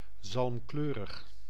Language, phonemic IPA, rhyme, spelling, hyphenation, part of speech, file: Dutch, /ˌzɑlmˈkløː.rəx/, -øːrəx, zalmkleurig, zalm‧kleu‧rig, adjective, Nl-zalmkleurig.ogg
- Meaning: salmon (having a salmon colour)